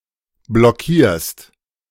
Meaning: second-person singular present of blockieren
- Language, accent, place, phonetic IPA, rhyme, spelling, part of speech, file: German, Germany, Berlin, [blɔˈkiːɐ̯st], -iːɐ̯st, blockierst, verb, De-blockierst.ogg